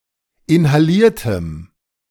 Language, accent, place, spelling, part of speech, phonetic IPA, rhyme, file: German, Germany, Berlin, inhaliertem, adjective, [ɪnhaˈliːɐ̯təm], -iːɐ̯təm, De-inhaliertem.ogg
- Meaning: strong dative masculine/neuter singular of inhaliert